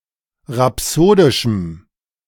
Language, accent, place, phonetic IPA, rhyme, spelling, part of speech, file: German, Germany, Berlin, [ʁaˈpsoːdɪʃm̩], -oːdɪʃm̩, rhapsodischem, adjective, De-rhapsodischem.ogg
- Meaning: strong dative masculine/neuter singular of rhapsodisch